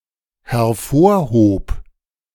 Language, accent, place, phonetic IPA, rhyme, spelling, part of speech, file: German, Germany, Berlin, [hɛɐ̯ˈfoːɐ̯ˌhoːp], -oːɐ̯hoːp, hervorhob, verb, De-hervorhob.ogg
- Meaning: first/third-person singular dependent preterite of hervorheben